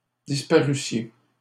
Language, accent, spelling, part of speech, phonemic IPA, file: French, Canada, disparussiez, verb, /dis.pa.ʁy.sje/, LL-Q150 (fra)-disparussiez.wav
- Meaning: second-person plural imperfect subjunctive of disparaître